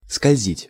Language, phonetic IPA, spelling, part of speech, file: Russian, [skɐlʲˈzʲitʲ], скользить, verb, Ru-скользить.ogg
- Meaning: 1. to slide, to slip 2. to glide 3. to float